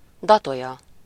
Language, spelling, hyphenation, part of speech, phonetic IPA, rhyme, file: Hungarian, datolya, da‧to‧lya, noun, [ˈdɒtojɒ], -jɒ, Hu-datolya.ogg
- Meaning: date (the fruit of the date palm, Phoenix dactylifera)